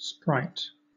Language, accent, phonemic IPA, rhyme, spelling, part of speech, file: English, Southern England, /spɹaɪt/, -aɪt, spright, noun / verb, LL-Q1860 (eng)-spright.wav
- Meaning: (noun) 1. Spirit; mind; soul; state of mind; mood 2. A supernatural being; a spirit; a shade; an apparition; a ghost 3. A kind of short arrow; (verb) To haunt